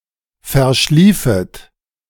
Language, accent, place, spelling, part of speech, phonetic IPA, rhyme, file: German, Germany, Berlin, verschliefet, verb, [fɛɐ̯ˈʃliːfət], -iːfət, De-verschliefet.ogg
- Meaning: second-person plural subjunctive II of verschlafen